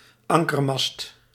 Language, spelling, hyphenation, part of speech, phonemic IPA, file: Dutch, ankermast, an‧ker‧mast, noun, /ˈɑŋ.kərˌmɑst/, Nl-ankermast.ogg
- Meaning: mooring mast (docking station for an airship)